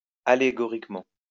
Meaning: allegorically
- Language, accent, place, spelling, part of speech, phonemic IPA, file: French, France, Lyon, allégoriquement, adverb, /a.le.ɡɔ.ʁik.mɑ̃/, LL-Q150 (fra)-allégoriquement.wav